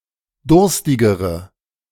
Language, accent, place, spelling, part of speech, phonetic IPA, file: German, Germany, Berlin, durstigere, adjective, [ˈdʊʁstɪɡəʁə], De-durstigere.ogg
- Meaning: inflection of durstig: 1. strong/mixed nominative/accusative feminine singular comparative degree 2. strong nominative/accusative plural comparative degree